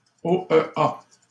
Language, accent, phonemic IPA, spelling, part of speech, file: French, Canada, /o.ə.a/, OEA, proper noun, LL-Q150 (fra)-OEA.wav
- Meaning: initialism of Organisation des États américains (“OAS”)